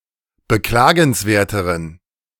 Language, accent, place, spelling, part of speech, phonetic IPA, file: German, Germany, Berlin, beklagenswerteren, adjective, [bəˈklaːɡn̩sˌveːɐ̯təʁən], De-beklagenswerteren.ogg
- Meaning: inflection of beklagenswert: 1. strong genitive masculine/neuter singular comparative degree 2. weak/mixed genitive/dative all-gender singular comparative degree